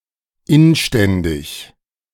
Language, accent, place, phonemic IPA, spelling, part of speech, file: German, Germany, Berlin, /ˈɪnˌʃtɛndɪç/, inständig, adjective, De-inständig.ogg
- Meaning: urgent, imploring, desperate